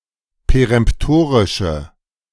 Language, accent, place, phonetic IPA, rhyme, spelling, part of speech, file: German, Germany, Berlin, [peʁɛmpˈtoːʁɪʃə], -oːʁɪʃə, peremptorische, adjective, De-peremptorische.ogg
- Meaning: inflection of peremptorisch: 1. strong/mixed nominative/accusative feminine singular 2. strong nominative/accusative plural 3. weak nominative all-gender singular